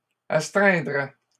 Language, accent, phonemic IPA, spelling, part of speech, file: French, Canada, /as.tʁɛ̃.dʁɛ/, astreindrais, verb, LL-Q150 (fra)-astreindrais.wav
- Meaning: first/second-person singular conditional of astreindre